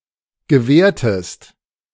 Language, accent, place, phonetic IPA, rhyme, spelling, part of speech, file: German, Germany, Berlin, [ɡəˈvɛːɐ̯təst], -ɛːɐ̯təst, gewährtest, verb, De-gewährtest.ogg
- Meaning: inflection of gewähren: 1. second-person singular preterite 2. second-person singular subjunctive II